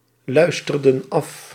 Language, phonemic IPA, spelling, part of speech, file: Dutch, /ˈlœystərdə(n) ˈɑf/, luisterden af, verb, Nl-luisterden af.ogg
- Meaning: inflection of afluisteren: 1. plural past indicative 2. plural past subjunctive